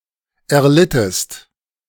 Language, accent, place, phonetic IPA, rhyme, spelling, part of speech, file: German, Germany, Berlin, [ɛɐ̯ˈlɪtəst], -ɪtəst, erlittest, verb, De-erlittest.ogg
- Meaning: inflection of erleiden: 1. second-person singular preterite 2. second-person singular subjunctive II